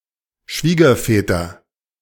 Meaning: nominative/accusative/genitive plural of Schwiegervater
- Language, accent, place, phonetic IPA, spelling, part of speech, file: German, Germany, Berlin, [ˈʃviːɡɐfɛːtɐ], Schwiegerväter, noun, De-Schwiegerväter.ogg